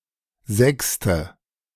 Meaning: A sixth; an interval of 8 (kleine Sexte, minor sixth) or 9 (große Sexte, major sixth) semitones
- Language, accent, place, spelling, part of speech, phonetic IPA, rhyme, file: German, Germany, Berlin, Sexte, noun, [ˈzɛkstə], -ɛkstə, De-Sexte.ogg